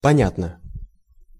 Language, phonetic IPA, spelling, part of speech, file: Russian, [pɐˈnʲatnə], понятно, adverb / adjective, Ru-понятно.ogg
- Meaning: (adverb) 1. understandably, comprehensibly 2. clearly, plainly; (adjective) 1. okay, I see, right, I understand 2. short neuter singular of поня́тный (ponjátnyj, “understandable, intelligible, clear”)